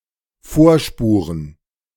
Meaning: 1. to create (a lane in the snow) for skiers 2. to determine in advance
- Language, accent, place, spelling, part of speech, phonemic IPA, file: German, Germany, Berlin, vorspuren, verb, /ˈfoːɐ̯ˌʃpuːʁən/, De-vorspuren.ogg